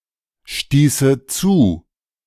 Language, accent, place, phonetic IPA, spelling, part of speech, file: German, Germany, Berlin, [ˌʃtiːsə ˈt͡suː], stieße zu, verb, De-stieße zu.ogg
- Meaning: first/third-person singular subjunctive II of zustoßen